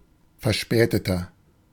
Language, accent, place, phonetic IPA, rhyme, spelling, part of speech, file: German, Germany, Berlin, [fɛɐ̯ˈʃpɛːtətɐ], -ɛːtətɐ, verspäteter, adjective, De-verspäteter.ogg
- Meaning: inflection of verspätet: 1. strong/mixed nominative masculine singular 2. strong genitive/dative feminine singular 3. strong genitive plural